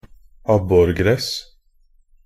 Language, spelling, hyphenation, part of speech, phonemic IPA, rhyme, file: Norwegian Bokmål, abborgress, ab‧bor‧gress, noun, /ˈabːɔrɡrɛs/, -ɛs, Nb-abborgress.ogg
- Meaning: a pondweed (any plant in the Potamogeton family, a diverse and worldwide genus)